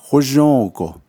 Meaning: 1. being happy 2. in beauty
- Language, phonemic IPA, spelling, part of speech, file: Navajo, /hóʒõ̂ːkò/, hózhǫ́ǫgo, adverb, Nv-hózhǫ́ǫgo.ogg